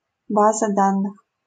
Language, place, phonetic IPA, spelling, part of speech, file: Russian, Saint Petersburg, [ˈbazə ˈdanːɨx], база данных, noun, LL-Q7737 (rus)-база данных.wav
- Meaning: database